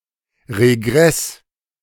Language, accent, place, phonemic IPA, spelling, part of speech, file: German, Germany, Berlin, /ʁeˈɡʁɛs/, Regress, noun, De-Regress.ogg
- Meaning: regress